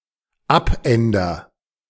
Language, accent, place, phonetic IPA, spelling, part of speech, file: German, Germany, Berlin, [ˈapˌʔɛndɐ], abänder, verb, De-abänder.ogg
- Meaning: first-person singular dependent present of abändern